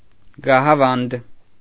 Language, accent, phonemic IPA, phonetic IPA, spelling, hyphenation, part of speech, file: Armenian, Eastern Armenian, /ɡɑhɑˈvɑnd/, [ɡɑhɑvɑ́nd], գահավանդ, գա‧հա‧վանդ, noun, Hy-գահավանդ.ogg
- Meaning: cap, height, elevation, precipice, very high and steep place